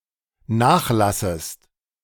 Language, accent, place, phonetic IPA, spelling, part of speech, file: German, Germany, Berlin, [ˈnaːxˌlasəst], nachlassest, verb, De-nachlassest.ogg
- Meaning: second-person singular dependent subjunctive I of nachlassen